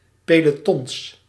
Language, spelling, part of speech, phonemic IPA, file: Dutch, pelotons, noun, /peloˈtɔn/, Nl-pelotons.ogg
- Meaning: plural of peloton